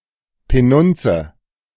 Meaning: money
- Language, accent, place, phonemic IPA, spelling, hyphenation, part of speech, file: German, Germany, Berlin, /peˈnʊntsə/, Penunze, Pe‧nun‧ze, noun, De-Penunze.ogg